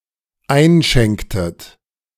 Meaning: inflection of einschenken: 1. second-person plural dependent preterite 2. second-person plural dependent subjunctive II
- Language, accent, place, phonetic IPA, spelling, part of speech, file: German, Germany, Berlin, [ˈaɪ̯nˌʃɛŋktət], einschenktet, verb, De-einschenktet.ogg